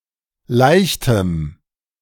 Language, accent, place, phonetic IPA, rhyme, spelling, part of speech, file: German, Germany, Berlin, [ˈlaɪ̯çtəm], -aɪ̯çtəm, leichtem, adjective, De-leichtem.ogg
- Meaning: strong dative masculine/neuter singular of leicht